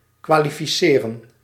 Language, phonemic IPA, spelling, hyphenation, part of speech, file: Dutch, /kʋaː.li.fiˈseː.rə(n)/, kwalificeren, kwa‧li‧fi‧ce‧ren, verb, Nl-kwalificeren.ogg
- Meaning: 1. to qualify (to become competent or eligible for some position or task) 2. to qualify (to describe or characterize something by listing its qualities)